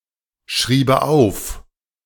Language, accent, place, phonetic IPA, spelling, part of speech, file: German, Germany, Berlin, [ˌʃʁiːbə ˈaʊ̯f], schriebe auf, verb, De-schriebe auf.ogg
- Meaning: first/third-person singular subjunctive II of aufschreiben